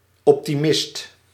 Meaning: optimist
- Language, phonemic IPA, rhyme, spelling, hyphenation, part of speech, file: Dutch, /ˌɔp.tiˈmɪst/, -ɪst, optimist, op‧ti‧mist, noun, Nl-optimist.ogg